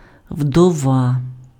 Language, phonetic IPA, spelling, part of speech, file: Ukrainian, [wdɔˈʋa], вдова, noun, Uk-вдова.ogg
- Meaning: widow